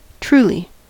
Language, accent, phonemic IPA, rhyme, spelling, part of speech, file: English, US, /ˈtɹuːli/, -uːli, truly, adverb, En-us-truly.ogg
- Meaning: 1. In accordance with the facts; truthfully, accurately 2. Honestly, genuinely, in fact, really 3. Very